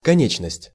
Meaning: 1. limb, extremity, member 2. finiteness
- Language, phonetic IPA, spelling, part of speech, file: Russian, [kɐˈnʲet͡ɕnəsʲtʲ], конечность, noun, Ru-конечность.ogg